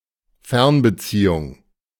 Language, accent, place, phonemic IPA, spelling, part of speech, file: German, Germany, Berlin, /ˈfɛʁnbəˌt͡siːʊŋ/, Fernbeziehung, noun, De-Fernbeziehung.ogg
- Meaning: long-distance relationship